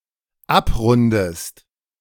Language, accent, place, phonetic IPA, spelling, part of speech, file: German, Germany, Berlin, [ˈapˌʁʊndəst], abrundest, verb, De-abrundest.ogg
- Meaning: inflection of abrunden: 1. second-person singular dependent present 2. second-person singular dependent subjunctive I